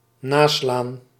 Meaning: 1. to look up, to check (for reference) 2. to restrike
- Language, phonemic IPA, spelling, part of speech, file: Dutch, /ˈnaslan/, naslaan, verb, Nl-naslaan.ogg